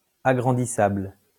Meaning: enlargeable
- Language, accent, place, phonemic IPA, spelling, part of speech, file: French, France, Lyon, /a.ɡʁɑ̃.di.sabl/, agrandissable, adjective, LL-Q150 (fra)-agrandissable.wav